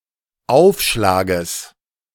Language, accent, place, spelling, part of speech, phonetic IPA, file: German, Germany, Berlin, Aufschlages, noun, [ˈaʊ̯fˌʃlaːɡəs], De-Aufschlages.ogg
- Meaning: genitive singular of Aufschlag